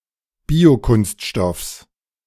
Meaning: genitive singular of Biokunststoff
- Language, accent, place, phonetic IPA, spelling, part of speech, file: German, Germany, Berlin, [ˈbiːoˌkʊnstʃtɔfs], Biokunststoffs, noun, De-Biokunststoffs.ogg